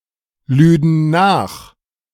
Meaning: first/third-person plural subjunctive II of nachladen
- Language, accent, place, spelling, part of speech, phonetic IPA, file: German, Germany, Berlin, lüden nach, verb, [ˌlyːdn̩ ˈnaːx], De-lüden nach.ogg